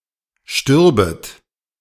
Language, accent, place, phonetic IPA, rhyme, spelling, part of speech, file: German, Germany, Berlin, [ˈʃtʏʁbət], -ʏʁbət, stürbet, verb, De-stürbet.ogg
- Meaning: second-person plural subjunctive II of sterben